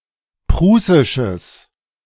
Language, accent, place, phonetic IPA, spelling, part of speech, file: German, Germany, Berlin, [ˈpʁuːsɪʃəs], prußisches, adjective, De-prußisches.ogg
- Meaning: strong/mixed nominative/accusative neuter singular of prußisch